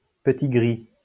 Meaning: a Eurasian red squirrel (Sciurus vulgaris), which in colder areas (i.e. Russia whence fur has been imported) has more gray or white fur (and therefore has also been called Sciurus cinereus)
- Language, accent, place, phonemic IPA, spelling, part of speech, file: French, France, Lyon, /pə.ti.ɡʁi/, petit-gris, noun, LL-Q150 (fra)-petit-gris.wav